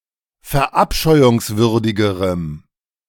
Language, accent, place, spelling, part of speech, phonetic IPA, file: German, Germany, Berlin, verabscheuungswürdigerem, adjective, [fɛɐ̯ˈʔapʃɔɪ̯ʊŋsvʏʁdɪɡəʁəm], De-verabscheuungswürdigerem.ogg
- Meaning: strong dative masculine/neuter singular comparative degree of verabscheuungswürdig